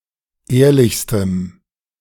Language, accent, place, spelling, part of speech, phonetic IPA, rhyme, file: German, Germany, Berlin, ehrlichstem, adjective, [ˈeːɐ̯lɪçstəm], -eːɐ̯lɪçstəm, De-ehrlichstem.ogg
- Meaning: strong dative masculine/neuter singular superlative degree of ehrlich